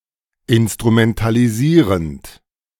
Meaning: present participle of instrumentalisieren
- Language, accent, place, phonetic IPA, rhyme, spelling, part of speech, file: German, Germany, Berlin, [ɪnstʁumɛntaliˈziːʁənt], -iːʁənt, instrumentalisierend, verb, De-instrumentalisierend.ogg